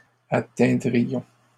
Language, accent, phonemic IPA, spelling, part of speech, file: French, Canada, /a.tɛ̃.dʁi.jɔ̃/, atteindrions, verb, LL-Q150 (fra)-atteindrions.wav
- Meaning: first-person plural conditional of atteindre